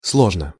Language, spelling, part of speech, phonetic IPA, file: Russian, сложно, adverb / adjective, [ˈsɫoʐnə], Ru-сложно.ogg
- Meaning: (adverb) in a complicated manner; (adjective) 1. it is complicated, it is difficult 2. short neuter singular of сло́жный (slóžnyj)